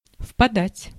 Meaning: 1. to fall (into), to flow (into) 2. to fall (into), to lapse (into), to sink (into) 3. to sink in, to become hollow/sunken
- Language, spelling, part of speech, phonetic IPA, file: Russian, впадать, verb, [fpɐˈdatʲ], Ru-впадать.ogg